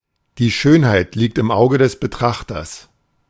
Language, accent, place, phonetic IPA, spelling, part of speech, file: German, Germany, Berlin, [diː ˈʃøːnhaɪ̯t likt ɪm ˈaʊ̯ɡə dɛs bəˈtʁaχtɐs], die Schönheit liegt im Auge des Betrachters, proverb, De-die Schönheit liegt im Auge des Betrachters.ogg
- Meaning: beauty is in the eye of the beholder